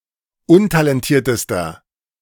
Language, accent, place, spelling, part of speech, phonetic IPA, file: German, Germany, Berlin, untalentiertester, adjective, [ˈʊntalɛnˌtiːɐ̯təstɐ], De-untalentiertester.ogg
- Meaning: inflection of untalentiert: 1. strong/mixed nominative masculine singular superlative degree 2. strong genitive/dative feminine singular superlative degree 3. strong genitive plural superlative degree